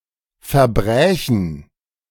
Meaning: first-person plural subjunctive II of verbrechen
- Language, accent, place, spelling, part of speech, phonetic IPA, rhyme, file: German, Germany, Berlin, verbrächen, verb, [fɛɐ̯ˈbʁɛːçn̩], -ɛːçn̩, De-verbrächen.ogg